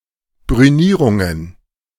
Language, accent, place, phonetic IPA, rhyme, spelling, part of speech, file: German, Germany, Berlin, [bʁyˈniːʁʊŋən], -iːʁʊŋən, Brünierungen, noun, De-Brünierungen.ogg
- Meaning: plural of Brünierung